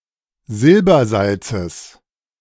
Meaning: genitive singular of Silbersalz
- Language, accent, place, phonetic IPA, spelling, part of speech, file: German, Germany, Berlin, [ˈzɪlbɐˌzalt͡səs], Silbersalzes, noun, De-Silbersalzes.ogg